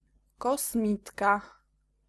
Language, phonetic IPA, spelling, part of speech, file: Polish, [kɔsˈmʲitka], kosmitka, noun, Pl-kosmitka.ogg